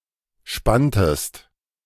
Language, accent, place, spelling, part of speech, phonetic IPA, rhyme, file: German, Germany, Berlin, spanntest, verb, [ˈʃpantəst], -antəst, De-spanntest.ogg
- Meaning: inflection of spannen: 1. second-person singular preterite 2. second-person singular subjunctive II